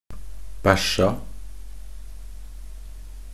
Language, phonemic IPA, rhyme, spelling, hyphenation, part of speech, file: Norwegian Bokmål, /ˈbæʃːa/, -æʃːa, bæsja, bæsj‧a, verb, Nb-bæsja.ogg
- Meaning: simple past and present perfect of bæsje